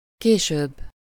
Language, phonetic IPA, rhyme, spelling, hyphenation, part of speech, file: Hungarian, [ˈkeːʃøːbː], -øːbː, később, ké‧sőbb, adverb, Hu-később.ogg
- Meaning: comparative degree of későn: later